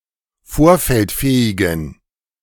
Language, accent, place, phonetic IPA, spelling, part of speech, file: German, Germany, Berlin, [ˈfoːɐ̯fɛltˌfɛːɪɡn̩], vorfeldfähigen, adjective, De-vorfeldfähigen.ogg
- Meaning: inflection of vorfeldfähig: 1. strong genitive masculine/neuter singular 2. weak/mixed genitive/dative all-gender singular 3. strong/weak/mixed accusative masculine singular 4. strong dative plural